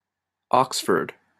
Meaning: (proper noun) 1. A city and local government district in Oxfordshire, England, famous for its university 2. Ellipsis of University of Oxford
- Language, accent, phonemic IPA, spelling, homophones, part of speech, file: English, Canada, /ˈɑksfɚd/, Oxford, oxford, proper noun / noun, En-ca-Oxford.opus